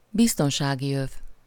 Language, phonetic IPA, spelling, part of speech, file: Hungarian, [ˈbistonʃaːɡiøv], biztonsági öv, noun, Hu-biztonsági öv.ogg
- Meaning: safety belt, seat belt